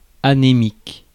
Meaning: 1. anemic (suffering from anemia) 2. anemic, weak, listless (lacking power, vigor, or vitality)
- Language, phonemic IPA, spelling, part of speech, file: French, /a.ne.mik/, anémique, adjective, Fr-anémique.ogg